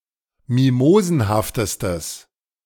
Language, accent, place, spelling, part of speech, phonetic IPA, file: German, Germany, Berlin, mimosenhaftestes, adjective, [ˈmimoːzn̩haftəstəs], De-mimosenhaftestes.ogg
- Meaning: strong/mixed nominative/accusative neuter singular superlative degree of mimosenhaft